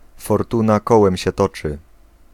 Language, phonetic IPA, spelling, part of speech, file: Polish, [fɔrˈtũna ˈkɔwɛ̃mʲ‿ɕɛ ˈtɔt͡ʃɨ], fortuna kołem się toczy, proverb, Pl-fortuna kołem się toczy.ogg